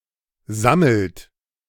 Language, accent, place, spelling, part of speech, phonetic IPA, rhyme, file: German, Germany, Berlin, sammelt, verb, [ˈzaml̩t], -aml̩t, De-sammelt.ogg
- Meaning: inflection of sammeln: 1. third-person singular present 2. second-person plural present 3. plural imperative